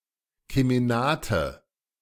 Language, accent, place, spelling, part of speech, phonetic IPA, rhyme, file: German, Germany, Berlin, Kemenate, noun, [kemeˈnaːtə], -aːtə, De-Kemenate.ogg
- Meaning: 1. fireplace room 2. bower, boudoir 3. snuggery, snug